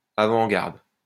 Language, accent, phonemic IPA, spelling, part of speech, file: French, France, /a.vɑ̃.ɡaʁd/, avant-garde, noun, LL-Q150 (fra)-avant-garde.wav
- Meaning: 1. vanguard 2. avant-garde, firing line 3. vanguard, the most politicized and conscious part of the proletariat